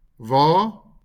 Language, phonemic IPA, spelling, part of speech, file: Afrikaans, /vɑː/, wa, noun, LL-Q14196 (afr)-wa.wav
- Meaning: 1. wagon 2. cart 3. automobile, car